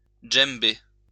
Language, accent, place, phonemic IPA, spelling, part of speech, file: French, France, Lyon, /dʒɛm.be/, djembé, noun, LL-Q150 (fra)-djembé.wav
- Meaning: djembe (large drum played with both hands)